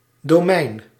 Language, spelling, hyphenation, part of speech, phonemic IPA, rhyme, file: Dutch, domein, do‧mein, noun, /doːˈmɛi̯n/, -ɛi̯n, Nl-domein.ogg
- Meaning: 1. domain, territory (land belonging to an individual, ruler or entity) 2. area of expertise 3. domain (range where a function is defined) 4. domain (superkingdom) 5. domain name 6. manorial right